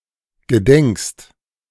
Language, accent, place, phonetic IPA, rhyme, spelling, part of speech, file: German, Germany, Berlin, [ɡəˈdɛŋkst], -ɛŋkst, gedenkst, verb, De-gedenkst.ogg
- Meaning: second-person singular present of gedenken